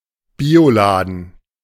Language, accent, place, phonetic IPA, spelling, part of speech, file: German, Germany, Berlin, [ˈbiːoˌlaːdn̩], Bioladen, noun, De-Bioladen.ogg
- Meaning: health food store, store stelling organic food